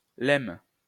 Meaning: lemma
- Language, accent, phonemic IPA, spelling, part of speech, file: French, France, /lɛm/, lemme, noun, LL-Q150 (fra)-lemme.wav